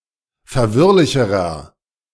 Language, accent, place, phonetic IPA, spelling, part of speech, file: German, Germany, Berlin, [fɛɐ̯ˈvɪʁlɪçəʁɐ], verwirrlicherer, adjective, De-verwirrlicherer.ogg
- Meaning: inflection of verwirrlich: 1. strong/mixed nominative masculine singular comparative degree 2. strong genitive/dative feminine singular comparative degree 3. strong genitive plural comparative degree